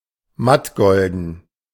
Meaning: glossless gold (in colour)
- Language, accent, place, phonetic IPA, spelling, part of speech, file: German, Germany, Berlin, [ˈmatˌɡɔldn̩], mattgolden, adjective, De-mattgolden.ogg